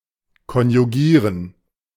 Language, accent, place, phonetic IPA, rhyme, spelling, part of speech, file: German, Germany, Berlin, [kɔnjuˈɡiːʁən], -iːʁən, konjugieren, verb, De-konjugieren.ogg
- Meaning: to conjugate (list the inflected forms of a verb for each person)